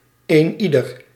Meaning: 1. anyone 2. everyone
- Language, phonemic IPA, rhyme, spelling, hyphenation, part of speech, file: Dutch, /ˌeːˈni.dər/, -idər, eenieder, een‧ie‧der, pronoun, Nl-eenieder.ogg